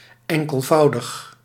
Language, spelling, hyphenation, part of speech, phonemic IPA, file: Dutch, enkelvoudig, en‧kel‧vou‧dig, adjective, /ˌɛŋ.kəlˈvɑu̯.dəx/, Nl-enkelvoudig.ogg
- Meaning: singular, simple as opposed to any multiple